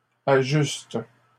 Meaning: third-person plural present indicative/subjunctive of ajuster
- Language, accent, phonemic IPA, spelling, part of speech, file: French, Canada, /a.ʒyst/, ajustent, verb, LL-Q150 (fra)-ajustent.wav